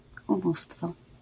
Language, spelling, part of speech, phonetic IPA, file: Polish, ubóstwo, noun, [uˈbustfɔ], LL-Q809 (pol)-ubóstwo.wav